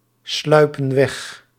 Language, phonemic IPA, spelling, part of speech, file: Dutch, /ˈslœypə(n) ˈwɛx/, sluipen weg, verb, Nl-sluipen weg.ogg
- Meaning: inflection of wegsluipen: 1. plural present indicative 2. plural present subjunctive